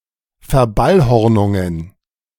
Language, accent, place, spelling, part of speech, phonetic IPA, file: German, Germany, Berlin, Verballhornungen, noun, [fɛɐ̯ˈbalhɔʁˌnʊŋən], De-Verballhornungen.ogg
- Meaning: plural of Verballhornung